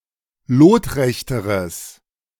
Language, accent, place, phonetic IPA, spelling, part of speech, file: German, Germany, Berlin, [ˈloːtˌʁɛçtəʁəs], lotrechteres, adjective, De-lotrechteres.ogg
- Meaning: strong/mixed nominative/accusative neuter singular comparative degree of lotrecht